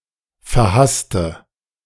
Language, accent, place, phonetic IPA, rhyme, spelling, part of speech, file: German, Germany, Berlin, [fɛɐ̯ˈhastə], -astə, verhasste, adjective, De-verhasste.ogg
- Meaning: inflection of verhasst: 1. strong/mixed nominative/accusative feminine singular 2. strong nominative/accusative plural 3. weak nominative all-gender singular